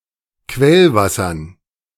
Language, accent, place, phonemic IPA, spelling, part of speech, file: German, Germany, Berlin, /ˈkvɛlˌvasɐn/, Quellwassern, noun, De-Quellwassern.ogg
- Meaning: dative plural of Quellwasser